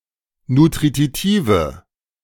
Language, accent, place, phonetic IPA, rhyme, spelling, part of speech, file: German, Germany, Berlin, [nutʁiˈtiːvə], -iːvə, nutritive, adjective, De-nutritive.ogg
- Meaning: inflection of nutritiv: 1. strong/mixed nominative/accusative feminine singular 2. strong nominative/accusative plural 3. weak nominative all-gender singular